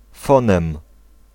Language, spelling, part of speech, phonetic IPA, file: Polish, fonem, noun, [ˈfɔ̃nɛ̃m], Pl-fonem.ogg